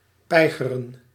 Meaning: 1. to die 2. to kill
- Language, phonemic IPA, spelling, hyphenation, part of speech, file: Dutch, /ˈpɛi̯.ɣə.rə(n)/, peigeren, pei‧ge‧ren, verb, Nl-peigeren.ogg